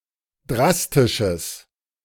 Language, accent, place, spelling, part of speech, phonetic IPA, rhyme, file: German, Germany, Berlin, drastisches, adjective, [ˈdʁastɪʃəs], -astɪʃəs, De-drastisches.ogg
- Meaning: strong/mixed nominative/accusative neuter singular of drastisch